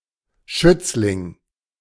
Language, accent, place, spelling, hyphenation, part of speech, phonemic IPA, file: German, Germany, Berlin, Schützling, Schütz‧ling, noun, /ˈʃʏt͡slɪŋ/, De-Schützling.ogg
- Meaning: protégé(e)